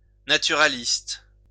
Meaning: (adjective) naturalist; naturalistic; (noun) naturalist
- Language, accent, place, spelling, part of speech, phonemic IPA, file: French, France, Lyon, naturaliste, adjective / noun, /na.ty.ʁa.list/, LL-Q150 (fra)-naturaliste.wav